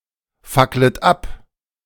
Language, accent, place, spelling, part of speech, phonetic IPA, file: German, Germany, Berlin, facklet ab, verb, [ˌfaklət ˈap], De-facklet ab.ogg
- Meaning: second-person plural subjunctive I of abfackeln